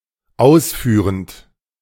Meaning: present participle of ausführen
- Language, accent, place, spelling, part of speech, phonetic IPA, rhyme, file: German, Germany, Berlin, ausführend, verb, [ˈaʊ̯sˌfyːʁənt], -aʊ̯sfyːʁənt, De-ausführend.ogg